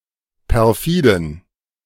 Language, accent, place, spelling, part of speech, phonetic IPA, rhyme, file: German, Germany, Berlin, perfiden, adjective, [pɛʁˈfiːdn̩], -iːdn̩, De-perfiden.ogg
- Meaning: inflection of perfide: 1. strong genitive masculine/neuter singular 2. weak/mixed genitive/dative all-gender singular 3. strong/weak/mixed accusative masculine singular 4. strong dative plural